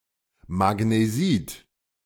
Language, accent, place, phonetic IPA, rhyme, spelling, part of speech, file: German, Germany, Berlin, [maɡneˈziːt], -iːt, Magnesit, noun, De-Magnesit.ogg
- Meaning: magnesite